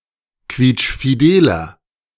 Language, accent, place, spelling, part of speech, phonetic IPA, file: German, Germany, Berlin, quietschfideler, adjective, [ˈkviːt͡ʃfiˌdeːlɐ], De-quietschfideler.ogg
- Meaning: 1. comparative degree of quietschfidel 2. inflection of quietschfidel: strong/mixed nominative masculine singular 3. inflection of quietschfidel: strong genitive/dative feminine singular